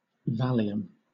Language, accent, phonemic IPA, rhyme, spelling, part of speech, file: English, Southern England, /ˈvæl.i.əm/, -æliəm, Valium, noun, LL-Q1860 (eng)-Valium.wav
- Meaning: 1. The drug diazepam 2. A Valium pill